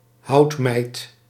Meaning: a pile of wood, in particular a pyre
- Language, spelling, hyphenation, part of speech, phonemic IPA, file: Dutch, houtmijt, hout‧mijt, noun, /ˈɦɑu̯t.mɛi̯t/, Nl-houtmijt.ogg